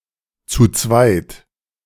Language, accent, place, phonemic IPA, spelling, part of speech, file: German, Germany, Berlin, /t͡suːˈt͡svaɪ̯t/, zu zweit, adverb, De-zu zweit.ogg
- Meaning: in a group (or in groups) of two; as a pair (or as pairs); by twos